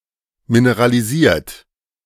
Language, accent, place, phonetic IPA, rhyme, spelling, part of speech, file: German, Germany, Berlin, [minəʁaliˈziːɐ̯t], -iːɐ̯t, mineralisiert, verb, De-mineralisiert.ogg
- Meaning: 1. past participle of mineralisieren 2. inflection of mineralisieren: third-person singular present 3. inflection of mineralisieren: second-person plural present